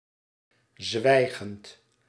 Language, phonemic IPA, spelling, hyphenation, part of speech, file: Dutch, /ˈzʋɛi̯.ɣənt/, zwijgend, zwij‧gend, verb, Nl-zwijgend.ogg
- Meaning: present participle of zwijgen